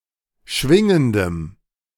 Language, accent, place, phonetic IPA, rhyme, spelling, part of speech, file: German, Germany, Berlin, [ˈʃvɪŋəndəm], -ɪŋəndəm, schwingendem, adjective, De-schwingendem.ogg
- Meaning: strong dative masculine/neuter singular of schwingend